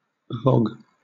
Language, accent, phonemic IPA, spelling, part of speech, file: English, Southern England, /vɒɡ/, vog, noun, LL-Q1860 (eng)-vog.wav
- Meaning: Air pollution caused by substances (such as sulphur dioxide) emitted by a volcano